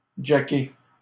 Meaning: to jack up
- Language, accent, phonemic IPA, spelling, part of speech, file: French, Canada, /dʒa(ː).ke/, jacker, verb, LL-Q150 (fra)-jacker.wav